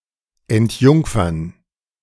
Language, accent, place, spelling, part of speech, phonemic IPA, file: German, Germany, Berlin, entjungfern, verb, /ɛntˈjʊŋ.fɐn/, De-entjungfern.ogg
- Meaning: to deflower (to take someone’s virginity)